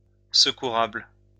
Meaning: helpful
- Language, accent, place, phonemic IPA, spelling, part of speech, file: French, France, Lyon, /sə.ku.ʁabl/, secourable, adjective, LL-Q150 (fra)-secourable.wav